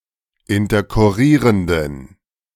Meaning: inflection of interkurrierend: 1. strong genitive masculine/neuter singular 2. weak/mixed genitive/dative all-gender singular 3. strong/weak/mixed accusative masculine singular 4. strong dative plural
- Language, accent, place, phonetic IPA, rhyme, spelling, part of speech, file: German, Germany, Berlin, [ɪntɐkʊˈʁiːʁəndn̩], -iːʁəndn̩, interkurrierenden, adjective, De-interkurrierenden.ogg